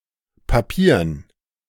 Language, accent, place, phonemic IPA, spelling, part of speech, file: German, Germany, Berlin, /paˈpiːɐ̯n/, papiern, adjective, De-papiern.ogg
- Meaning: alternative form of papieren